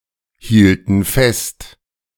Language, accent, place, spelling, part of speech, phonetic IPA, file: German, Germany, Berlin, hielten fest, verb, [ˌhiːltn̩ ˈfɛst], De-hielten fest.ogg
- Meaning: first/third-person plural preterite of festhalten